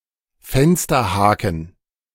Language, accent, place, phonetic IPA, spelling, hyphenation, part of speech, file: German, Germany, Berlin, [ˈfɛnstɐˌhaːkn̩], Fensterhaken, Fen‧ster‧ha‧ken, noun, De-Fensterhaken.ogg
- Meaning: cabin hook